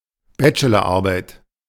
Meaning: bachelor's thesis
- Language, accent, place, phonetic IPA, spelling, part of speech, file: German, Germany, Berlin, [ˈbɛt͡ʃəlɐˌʔaʁbaɪ̯t], Bachelorarbeit, noun, De-Bachelorarbeit.ogg